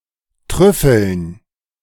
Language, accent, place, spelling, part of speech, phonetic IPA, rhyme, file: German, Germany, Berlin, Trüffeln, noun, [ˈtʁʏfl̩n], -ʏfl̩n, De-Trüffeln.ogg
- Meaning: plural of Trüffel